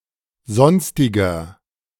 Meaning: inflection of sonstig: 1. strong/mixed nominative masculine singular 2. strong genitive/dative feminine singular 3. strong genitive plural
- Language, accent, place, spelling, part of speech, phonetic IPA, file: German, Germany, Berlin, sonstiger, adjective, [ˈzɔnstɪɡɐ], De-sonstiger.ogg